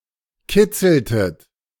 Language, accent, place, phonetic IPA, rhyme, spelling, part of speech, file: German, Germany, Berlin, [ˈkɪt͡sl̩tət], -ɪt͡sl̩tət, kitzeltet, verb, De-kitzeltet.ogg
- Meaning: inflection of kitzeln: 1. second-person plural preterite 2. second-person plural subjunctive II